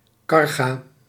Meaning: cargo
- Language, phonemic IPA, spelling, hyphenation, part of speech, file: Dutch, /ˈkɑr.ɣaː/, carga, car‧ga, noun, Nl-carga.ogg